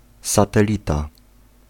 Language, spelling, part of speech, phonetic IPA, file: Polish, satelita, noun, [ˌsatɛˈlʲita], Pl-satelita.ogg